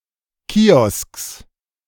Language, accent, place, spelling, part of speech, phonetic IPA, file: German, Germany, Berlin, Kiosks, noun, [ˈkiːɔsks], De-Kiosks.ogg
- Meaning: genitive singular of Kiosk